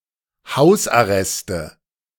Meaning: 1. nominative/accusative/genitive plural of Hausarrest 2. dative singular of Hausarrest
- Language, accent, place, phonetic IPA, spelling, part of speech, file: German, Germany, Berlin, [ˈhaʊ̯sʔaˌʁɛstə], Hausarreste, noun, De-Hausarreste.ogg